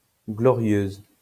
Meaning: feminine singular of glorieux
- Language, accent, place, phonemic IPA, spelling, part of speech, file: French, France, Lyon, /ɡlɔ.ʁjøz/, glorieuse, adjective, LL-Q150 (fra)-glorieuse.wav